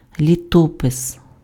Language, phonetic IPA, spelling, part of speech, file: Ukrainian, [lʲiˈtɔpes], літопис, noun, Uk-літопис.ogg
- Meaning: annals, chronicle, record, fasti (a relation of events)